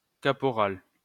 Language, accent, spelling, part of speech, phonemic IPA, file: French, France, caporal, noun, /ka.pɔ.ʁal/, LL-Q150 (fra)-caporal.wav
- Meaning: 1. corporal 2. caporal (tobacco)